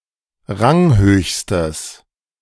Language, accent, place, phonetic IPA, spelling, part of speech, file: German, Germany, Berlin, [ˈʁaŋˌhøːçstəs], ranghöchstes, adjective, De-ranghöchstes.ogg
- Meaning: strong/mixed nominative/accusative neuter singular superlative degree of ranghoch